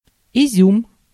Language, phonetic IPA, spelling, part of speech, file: Russian, [ɪˈzʲum], изюм, noun, Ru-изюм.ogg
- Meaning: raisin